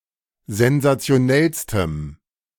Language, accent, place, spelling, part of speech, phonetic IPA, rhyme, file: German, Germany, Berlin, sensationellstem, adjective, [zɛnzat͡si̯oˈnɛlstəm], -ɛlstəm, De-sensationellstem.ogg
- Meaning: strong dative masculine/neuter singular superlative degree of sensationell